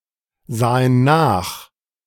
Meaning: first/third-person plural preterite of nachsehen
- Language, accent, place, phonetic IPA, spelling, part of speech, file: German, Germany, Berlin, [ˌzaːən ˈnaːx], sahen nach, verb, De-sahen nach.ogg